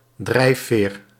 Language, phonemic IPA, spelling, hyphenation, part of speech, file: Dutch, /ˈdrɛi̯.feːr/, drijfveer, drijf‧veer, noun, Nl-drijfveer.ogg
- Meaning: incentive, motivation, mainspring (something, usually physical, that motivates)